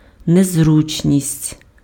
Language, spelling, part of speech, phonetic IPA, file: Ukrainian, незручність, noun, [nezˈrut͡ʃnʲisʲtʲ], Uk-незручність.ogg
- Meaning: 1. inconvenience 2. discomfort